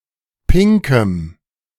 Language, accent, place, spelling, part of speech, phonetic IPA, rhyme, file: German, Germany, Berlin, pinkem, adjective, [ˈpɪŋkəm], -ɪŋkəm, De-pinkem.ogg
- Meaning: strong dative masculine/neuter singular of pink